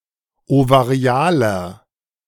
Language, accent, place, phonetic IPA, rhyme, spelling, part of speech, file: German, Germany, Berlin, [ovaˈʁi̯aːlɐ], -aːlɐ, ovarialer, adjective, De-ovarialer.ogg
- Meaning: inflection of ovarial: 1. strong/mixed nominative masculine singular 2. strong genitive/dative feminine singular 3. strong genitive plural